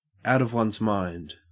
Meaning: 1. Insane, crazy 2. Temporarily mentally unstable; very distressed 3. Away from the focus of one's thoughts
- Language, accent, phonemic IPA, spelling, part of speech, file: English, Australia, /aʊt əv wʌnz maɪnd/, out of one's mind, prepositional phrase, En-au-out of one's mind.ogg